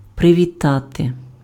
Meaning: 1. to greet, to hail, to salute 2. to welcome 3. to congratulate
- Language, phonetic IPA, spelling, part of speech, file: Ukrainian, [preʋʲiˈtate], привітати, verb, Uk-привітати.ogg